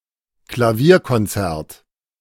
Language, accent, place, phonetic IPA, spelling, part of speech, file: German, Germany, Berlin, [klaˈviːɐ̯kɔnˌt͡sɛʁt], Klavierkonzert, noun, De-Klavierkonzert.ogg
- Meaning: 1. piano concert (musical event) 2. piano concerto (musical composition)